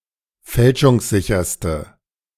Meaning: inflection of fälschungssicher: 1. strong/mixed nominative/accusative feminine singular superlative degree 2. strong nominative/accusative plural superlative degree
- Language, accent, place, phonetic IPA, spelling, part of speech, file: German, Germany, Berlin, [ˈfɛlʃʊŋsˌzɪçɐstə], fälschungssicherste, adjective, De-fälschungssicherste.ogg